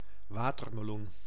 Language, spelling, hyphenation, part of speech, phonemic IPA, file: Dutch, watermeloen, wa‧ter‧me‧loen, noun, /ˈʋaːtərməˌlun/, Nl-watermeloen.ogg
- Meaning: watermelon (plant and fruit)